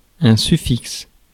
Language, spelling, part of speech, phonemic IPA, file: French, suffixe, noun / verb, /sy.fiks/, Fr-suffixe.ogg
- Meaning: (noun) suffix; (verb) inflection of suffixer: 1. first/third-person singular present indicative/subjunctive 2. second-person singular imperative